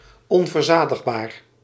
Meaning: unquenchable, unsatisfiable
- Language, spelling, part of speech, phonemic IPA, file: Dutch, onverzadigbaar, adjective, /ˌɔɱvərˈzadəɣˌbar/, Nl-onverzadigbaar.ogg